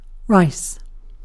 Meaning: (noun) 1. Cereal plants, Oryza sativa of the grass family whose seeds are used as food 2. A specific variety of this plant 3. The seeds of this plant used as food
- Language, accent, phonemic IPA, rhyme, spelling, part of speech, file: English, UK, /ɹaɪs/, -aɪs, rice, noun / verb, En-uk-rice.ogg